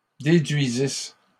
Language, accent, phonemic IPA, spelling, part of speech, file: French, Canada, /de.dɥi.zis/, déduisisses, verb, LL-Q150 (fra)-déduisisses.wav
- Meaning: second-person singular imperfect subjunctive of déduire